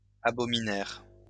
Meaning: third-person plural past historic of abominer
- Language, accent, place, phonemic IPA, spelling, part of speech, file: French, France, Lyon, /a.bɔ.mi.nɛʁ/, abominèrent, verb, LL-Q150 (fra)-abominèrent.wav